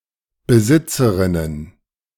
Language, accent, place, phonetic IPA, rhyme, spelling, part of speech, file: German, Germany, Berlin, [bəˈzɪt͡səʁɪnən], -ɪt͡səʁɪnən, Besitzerinnen, noun, De-Besitzerinnen.ogg
- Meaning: plural of Besitzerin